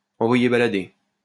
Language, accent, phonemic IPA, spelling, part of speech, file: French, France, /ɑ̃.vwa.je ba.la.de/, envoyer balader, verb, LL-Q150 (fra)-envoyer balader.wav
- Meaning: to send someone packing